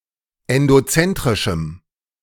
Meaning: strong dative masculine/neuter singular of endozentrisch
- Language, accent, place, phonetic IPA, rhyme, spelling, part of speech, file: German, Germany, Berlin, [ɛndoˈt͡sɛntʁɪʃm̩], -ɛntʁɪʃm̩, endozentrischem, adjective, De-endozentrischem.ogg